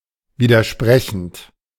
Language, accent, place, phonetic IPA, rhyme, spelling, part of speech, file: German, Germany, Berlin, [ˌviːdɐˈʃpʁɛçn̩t], -ɛçn̩t, widersprechend, verb, De-widersprechend.ogg
- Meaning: present participle of widersprechen